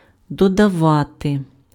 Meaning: to add
- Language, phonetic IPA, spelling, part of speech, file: Ukrainian, [dɔdɐˈʋate], додавати, verb, Uk-додавати.ogg